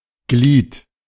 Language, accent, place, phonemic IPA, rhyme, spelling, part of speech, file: German, Germany, Berlin, /ɡliːt/, -iːt, Glied, noun, De-Glied.ogg
- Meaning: 1. external body part: limb, joint 2. external body part: genital organ, (especially) the male one, the penis, member 3. external body part: any other external body part 4. member, part